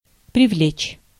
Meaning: to attract, to draw (arouse interest)
- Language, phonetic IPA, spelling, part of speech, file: Russian, [prʲɪˈvlʲet͡ɕ], привлечь, verb, Ru-привлечь.ogg